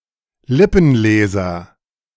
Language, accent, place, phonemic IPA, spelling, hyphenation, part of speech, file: German, Germany, Berlin, /ˈlɪpn̩ˌleːzɐ/, Lippenleser, Lip‧pen‧le‧ser, noun, De-Lippenleser.ogg
- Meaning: lipreader